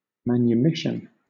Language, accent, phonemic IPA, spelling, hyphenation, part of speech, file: English, Southern England, /ˌmænjʊˈmɪʃn̩/, manumission, man‧u‧miss‧ion, noun, LL-Q1860 (eng)-manumission.wav
- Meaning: Release from slavery or other legally sanctioned servitude; the giving of freedom; (countable) an instance of this; an act of manumitting